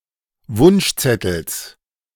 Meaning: genitive singular of Wunschzettel
- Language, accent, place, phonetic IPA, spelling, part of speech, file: German, Germany, Berlin, [ˈvʊnʃˌt͡sɛtl̩s], Wunschzettels, noun, De-Wunschzettels.ogg